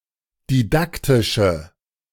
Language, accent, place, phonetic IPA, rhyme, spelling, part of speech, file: German, Germany, Berlin, [diˈdaktɪʃə], -aktɪʃə, didaktische, adjective, De-didaktische.ogg
- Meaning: inflection of didaktisch: 1. strong/mixed nominative/accusative feminine singular 2. strong nominative/accusative plural 3. weak nominative all-gender singular